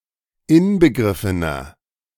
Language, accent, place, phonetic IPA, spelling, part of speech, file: German, Germany, Berlin, [ˈɪnbəˌɡʁɪfənɐ], inbegriffener, adjective, De-inbegriffener.ogg
- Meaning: inflection of inbegriffen: 1. strong/mixed nominative masculine singular 2. strong genitive/dative feminine singular 3. strong genitive plural